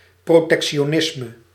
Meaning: protectionism
- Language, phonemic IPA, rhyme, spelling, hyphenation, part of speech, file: Dutch, /proːˌtɛk.ʃoːˈnɪs.mə/, -ɪsmə, protectionisme, pro‧tec‧ti‧o‧nis‧me, noun, Nl-protectionisme.ogg